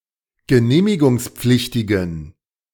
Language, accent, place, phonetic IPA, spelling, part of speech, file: German, Germany, Berlin, [ɡəˈneːmɪɡʊŋsˌp͡flɪçtɪɡn̩], genehmigungspflichtigen, adjective, De-genehmigungspflichtigen.ogg
- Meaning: inflection of genehmigungspflichtig: 1. strong genitive masculine/neuter singular 2. weak/mixed genitive/dative all-gender singular 3. strong/weak/mixed accusative masculine singular